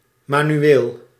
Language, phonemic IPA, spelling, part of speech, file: Dutch, /ˌmanyˈwel/, manueel, adjective, Nl-manueel.ogg
- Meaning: manual